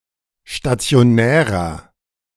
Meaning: inflection of stationär: 1. strong/mixed nominative masculine singular 2. strong genitive/dative feminine singular 3. strong genitive plural
- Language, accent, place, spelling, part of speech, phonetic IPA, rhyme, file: German, Germany, Berlin, stationärer, adjective, [ʃtat͡si̯oˈnɛːʁɐ], -ɛːʁɐ, De-stationärer.ogg